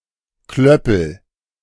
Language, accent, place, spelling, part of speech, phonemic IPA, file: German, Germany, Berlin, Klöppel, noun, /ˈklœpl̩/, De-Klöppel.ogg
- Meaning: 1. clapper (the tongue of a bell that sounds it by hitting it from within) 2. lace bobbin